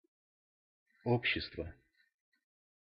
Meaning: inflection of о́бщество (óbščestvo): 1. genitive singular 2. nominative/accusative plural
- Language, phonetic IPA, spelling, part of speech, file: Russian, [ˈopɕːɪstvə], общества, noun, Ru-общества.ogg